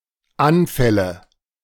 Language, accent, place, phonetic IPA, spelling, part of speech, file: German, Germany, Berlin, [ˈanˌfɛlə], Anfälle, noun, De-Anfälle.ogg
- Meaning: nominative/accusative/genitive plural of Anfall